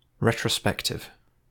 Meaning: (adjective) 1. Of, relating to, or contemplating the past 2. Looking backwards 3. Affecting or influencing past things; retroactive
- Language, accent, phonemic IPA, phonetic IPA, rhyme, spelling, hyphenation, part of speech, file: English, UK, /ˌɹɛt.ɹə(ʊ)ˈspɛk.tɪv/, [ˌɹɛt͡ʃ.ə(ʊ)ˈspɛk.tɪv], -ɛktɪv, retrospective, ret‧ro‧spec‧tive, adjective / noun, En-GB-retrospective.ogg